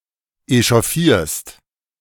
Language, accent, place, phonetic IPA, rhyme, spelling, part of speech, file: German, Germany, Berlin, [eʃɔˈfiːɐ̯st], -iːɐ̯st, echauffierst, verb, De-echauffierst.ogg
- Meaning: second-person singular present of echauffieren